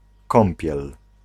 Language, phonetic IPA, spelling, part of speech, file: Polish, [ˈkɔ̃mpʲjɛl], kąpiel, noun, Pl-kąpiel.ogg